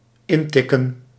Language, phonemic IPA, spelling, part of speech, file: Dutch, /ˈɪntɪkə(n)/, intikken, verb, Nl-intikken.ogg
- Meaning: 1. to tap in lightly 2. to type in, enter with a typewriter or keyboard